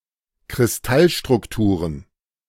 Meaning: plural of Kristallstruktur
- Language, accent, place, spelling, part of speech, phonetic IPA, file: German, Germany, Berlin, Kristallstrukturen, noun, [kʁɪsˈtalʃtʁʊkˌtuːʁən], De-Kristallstrukturen.ogg